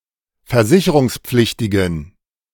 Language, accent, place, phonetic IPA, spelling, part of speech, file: German, Germany, Berlin, [fɛɐ̯ˈzɪçəʁʊŋsˌp͡flɪçtɪɡn̩], versicherungspflichtigen, adjective, De-versicherungspflichtigen.ogg
- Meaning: inflection of versicherungspflichtig: 1. strong genitive masculine/neuter singular 2. weak/mixed genitive/dative all-gender singular 3. strong/weak/mixed accusative masculine singular